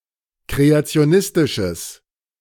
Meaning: strong/mixed nominative/accusative neuter singular of kreationistisch
- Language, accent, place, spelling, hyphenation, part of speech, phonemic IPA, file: German, Germany, Berlin, kreationistisches, kre‧a‧ti‧o‧nis‧ti‧sches, adjective, /ˌkʁeat͡si̯oˈnɪstɪʃəs/, De-kreationistisches.ogg